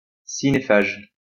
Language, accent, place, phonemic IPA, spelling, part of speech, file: French, France, Lyon, /si.ne.faʒ/, cinéphage, noun, LL-Q150 (fra)-cinéphage.wav
- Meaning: moviegoer; film buff, movie junkie